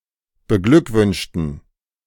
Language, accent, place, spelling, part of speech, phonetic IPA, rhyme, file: German, Germany, Berlin, beglückwünschten, adjective / verb, [bəˈɡlʏkˌvʏnʃtn̩], -ʏkvʏnʃtn̩, De-beglückwünschten.ogg
- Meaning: inflection of beglückwünschen: 1. first/third-person plural preterite 2. first/third-person plural subjunctive II